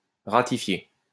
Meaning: to ratify (give formal consent to)
- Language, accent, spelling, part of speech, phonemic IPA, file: French, France, ratifier, verb, /ʁa.ti.fje/, LL-Q150 (fra)-ratifier.wav